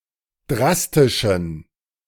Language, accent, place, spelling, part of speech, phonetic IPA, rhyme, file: German, Germany, Berlin, drastischen, adjective, [ˈdʁastɪʃn̩], -astɪʃn̩, De-drastischen.ogg
- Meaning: inflection of drastisch: 1. strong genitive masculine/neuter singular 2. weak/mixed genitive/dative all-gender singular 3. strong/weak/mixed accusative masculine singular 4. strong dative plural